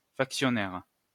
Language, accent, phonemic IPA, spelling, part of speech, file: French, France, /fak.sjɔ.nɛʁ/, factionnaire, noun, LL-Q150 (fra)-factionnaire.wav
- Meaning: a soldier who is on guard; sentry, sentinel, guard